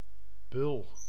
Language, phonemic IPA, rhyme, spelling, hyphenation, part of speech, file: Dutch, /bʏl/, -ʏl, bul, bul, noun, Nl-bul.ogg
- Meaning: 1. bull (male bovine, or one of certain other male mammals) 2. surly person 3. great seal affixed to certain documents, notably charters from reigning princes and certain dignitaries 4. such charter